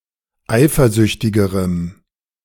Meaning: strong dative masculine/neuter singular comparative degree of eifersüchtig
- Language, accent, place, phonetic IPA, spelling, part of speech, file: German, Germany, Berlin, [ˈaɪ̯fɐˌzʏçtɪɡəʁəm], eifersüchtigerem, adjective, De-eifersüchtigerem.ogg